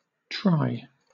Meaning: 1. triathlon 2. triangle 3. triceps
- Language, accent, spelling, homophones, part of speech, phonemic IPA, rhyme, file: English, Southern England, tri, try, noun, /tɹaɪ/, -aɪ, LL-Q1860 (eng)-tri.wav